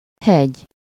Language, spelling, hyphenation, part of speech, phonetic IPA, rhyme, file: Hungarian, hegy, hegy, noun, [ˈhɛɟ], -ɛɟ, Hu-hegy.ogg
- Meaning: 1. mountain 2. point (of pencil, knife), tip (of finger, tongue, nose)